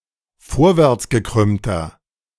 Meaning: inflection of vorwärtsgekrümmt: 1. strong/mixed nominative masculine singular 2. strong genitive/dative feminine singular 3. strong genitive plural
- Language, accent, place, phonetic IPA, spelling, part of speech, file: German, Germany, Berlin, [ˈfoːɐ̯vɛʁt͡sɡəˌkʁʏmtɐ], vorwärtsgekrümmter, adjective, De-vorwärtsgekrümmter.ogg